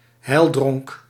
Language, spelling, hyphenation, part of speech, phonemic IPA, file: Dutch, heildronk, heil‧dronk, noun, /ˈɦɛi̯l.drɔŋk/, Nl-heildronk.ogg
- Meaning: toast, honouring or salutation by raising a drink